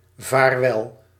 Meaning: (interjection) goodbye, farewell (connotation is somewhat sad, almost poetic); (noun) a farewell, an occasion of saying goodbye; a departure
- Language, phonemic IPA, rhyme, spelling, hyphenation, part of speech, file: Dutch, /vaːrˈʋɛl/, -ɛl, vaarwel, vaar‧wel, interjection / noun, Nl-vaarwel.ogg